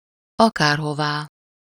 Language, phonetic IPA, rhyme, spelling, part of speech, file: Hungarian, [ˈɒkaːrɦovaː], -vaː, akárhová, adverb, Hu-akárhová.ogg
- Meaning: alternative form of akárhova